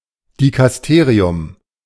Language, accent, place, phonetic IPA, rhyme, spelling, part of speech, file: German, Germany, Berlin, [dikasˈteːʁiʊm], -eːʁiʊm, Dikasterium, noun, De-Dikasterium.ogg
- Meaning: dicastery